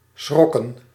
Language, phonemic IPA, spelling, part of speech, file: Dutch, /ˈsxrɔkə(n)/, schrokken, verb / noun, Nl-schrokken.ogg
- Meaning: 1. to devour, glut 2. inflection of schrikken: plural past indicative 3. inflection of schrikken: plural past subjunctive